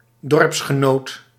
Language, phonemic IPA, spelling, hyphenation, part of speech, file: Dutch, /ˈdɔrps.xəˌnoːt/, dorpsgenoot, dorps‧ge‧noot, noun, Nl-dorpsgenoot.ogg
- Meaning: someone from the same village, fellow villager